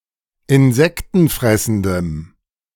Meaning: strong dative masculine/neuter singular of insektenfressend
- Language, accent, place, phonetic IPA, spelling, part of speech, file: German, Germany, Berlin, [ɪnˈzɛktn̩ˌfʁɛsn̩dəm], insektenfressendem, adjective, De-insektenfressendem.ogg